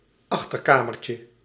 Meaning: diminutive of achterkamer
- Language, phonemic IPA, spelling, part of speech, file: Dutch, /ˈɑxtərkamərcə/, achterkamertje, noun, Nl-achterkamertje.ogg